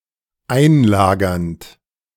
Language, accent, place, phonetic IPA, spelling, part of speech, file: German, Germany, Berlin, [ˈaɪ̯nˌlaːɡɐnt], einlagernd, verb, De-einlagernd.ogg
- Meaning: present participle of einlagern